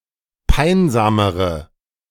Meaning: inflection of peinsam: 1. strong/mixed nominative/accusative feminine singular comparative degree 2. strong nominative/accusative plural comparative degree
- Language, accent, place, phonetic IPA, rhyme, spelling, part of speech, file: German, Germany, Berlin, [ˈpaɪ̯nzaːməʁə], -aɪ̯nzaːməʁə, peinsamere, adjective, De-peinsamere.ogg